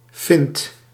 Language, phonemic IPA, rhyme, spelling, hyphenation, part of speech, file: Dutch, /fɪnt/, -ɪnt, fint, fint, noun, Nl-fint.ogg
- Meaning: 1. a wile, a trick, a feint 2. the twait shad, Alosa fallax